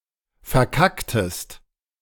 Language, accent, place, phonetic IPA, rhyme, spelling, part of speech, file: German, Germany, Berlin, [fɛɐ̯ˈkaktəst], -aktəst, verkacktest, verb, De-verkacktest.ogg
- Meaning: inflection of verkacken: 1. second-person singular preterite 2. second-person singular subjunctive II